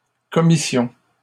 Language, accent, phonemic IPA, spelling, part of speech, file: French, Canada, /kɔ.mi.sjɔ̃/, commissions, noun / verb, LL-Q150 (fra)-commissions.wav
- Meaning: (noun) plural of commission; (verb) first-person plural imperfect subjunctive of commettre